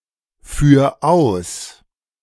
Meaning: 1. singular imperative of ausführen 2. first-person singular present of ausführen
- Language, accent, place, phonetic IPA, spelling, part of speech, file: German, Germany, Berlin, [ˌfyːɐ̯ ˈaʊ̯s], führ aus, verb, De-führ aus.ogg